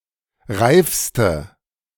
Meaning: inflection of reif: 1. strong/mixed nominative/accusative feminine singular superlative degree 2. strong nominative/accusative plural superlative degree
- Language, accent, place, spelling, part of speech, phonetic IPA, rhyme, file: German, Germany, Berlin, reifste, adjective, [ˈʁaɪ̯fstə], -aɪ̯fstə, De-reifste.ogg